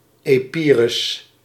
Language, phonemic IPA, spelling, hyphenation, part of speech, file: Dutch, /ˌeːˈpiː.rʏs/, Epirus, Epi‧rus, proper noun, Nl-Epirus.ogg
- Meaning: Epirus (a historical region and ancient kingdom in Southeastern Europe, today split politically between northwestern Greece and southwestern Albania)